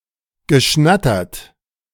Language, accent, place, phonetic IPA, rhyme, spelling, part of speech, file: German, Germany, Berlin, [ɡəˈʃnatɐt], -atɐt, geschnattert, verb, De-geschnattert.ogg
- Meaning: past participle of schnattern